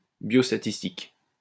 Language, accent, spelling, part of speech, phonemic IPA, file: French, France, biostatistique, noun / adjective, /bjɔs.ta.tis.tik/, LL-Q150 (fra)-biostatistique.wav
- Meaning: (noun) biostatistics; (adjective) biostatistical